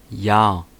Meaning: 1. year (solar year, the time it takes the Earth to complete one orbit of the Sun) 2. year (time it takes for any astronomical object to directly orbit its star)
- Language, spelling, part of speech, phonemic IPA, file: German, Jahr, noun, /jaːr/, De-Jahr.ogg